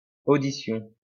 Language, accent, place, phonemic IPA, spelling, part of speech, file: French, France, Lyon, /o.di.sjɔ̃/, audition, noun, LL-Q150 (fra)-audition.wav
- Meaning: 1. audition 2. hearing